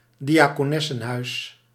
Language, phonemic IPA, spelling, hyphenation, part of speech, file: Dutch, /di.aː.koːˈnɛ.sə(n)ˌɦœy̯s/, diaconessenhuis, dia‧co‧nes‧sen‧huis, noun, Nl-diaconessenhuis.ogg
- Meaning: a deaconess-house; a hospital operated by deaconesses and therefore originally of a Protestant orientation